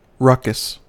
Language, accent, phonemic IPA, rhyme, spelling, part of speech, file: English, US, /ˈɹʌkəs/, -ʌkəs, ruckus, noun, En-us-ruckus.ogg
- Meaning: 1. A raucous disturbance and/or commotion 2. A row, fight